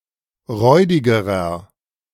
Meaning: inflection of räudig: 1. strong/mixed nominative masculine singular comparative degree 2. strong genitive/dative feminine singular comparative degree 3. strong genitive plural comparative degree
- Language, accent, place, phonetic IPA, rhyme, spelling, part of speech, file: German, Germany, Berlin, [ˈʁɔɪ̯dɪɡəʁɐ], -ɔɪ̯dɪɡəʁɐ, räudigerer, adjective, De-räudigerer.ogg